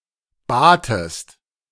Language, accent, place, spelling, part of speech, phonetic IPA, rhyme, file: German, Germany, Berlin, batest, verb, [ˈbaːtəst], -aːtəst, De-batest.ogg
- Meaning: second-person singular preterite of bitten